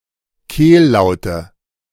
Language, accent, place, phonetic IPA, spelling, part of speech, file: German, Germany, Berlin, [ˈkeːlˌlaʊ̯tə], Kehllaute, noun, De-Kehllaute.ogg
- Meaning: nominative/accusative/genitive plural of Kehllaut